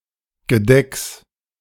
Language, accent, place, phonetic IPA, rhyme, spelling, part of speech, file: German, Germany, Berlin, [ɡəˈdɛks], -ɛks, Gedecks, noun, De-Gedecks.ogg
- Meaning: genitive singular of Gedeck